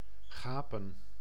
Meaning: 1. to yawn 2. to gape
- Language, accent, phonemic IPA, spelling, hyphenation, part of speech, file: Dutch, Netherlands, /ˈɣaːpə(n)/, gapen, ga‧pen, verb, Nl-gapen.ogg